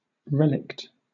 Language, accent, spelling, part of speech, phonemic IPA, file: English, Southern England, relict, noun / adjective, /ˈɹɛlɪkt/, LL-Q1860 (eng)-relict.wav